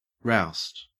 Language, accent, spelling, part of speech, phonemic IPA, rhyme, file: English, Australia, roust, verb, /ɹaʊst/, -aʊst, En-au-roust.ogg
- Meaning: 1. to rout out of bed; to rouse 2. To harass, to treat in a rough way 3. To arrest 4. To drive strongly